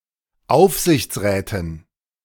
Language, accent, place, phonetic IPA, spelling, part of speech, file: German, Germany, Berlin, [ˈaʊ̯fzɪçt͡sˌʁɛːtən], Aufsichtsräten, noun, De-Aufsichtsräten.ogg
- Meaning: dative plural of Aufsichtsrat